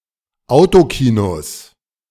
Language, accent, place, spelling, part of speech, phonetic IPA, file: German, Germany, Berlin, Autokinos, noun, [ˈaʊ̯toˌkiːnos], De-Autokinos.ogg
- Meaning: 1. genitive singular of Autokino 2. plural of Autokino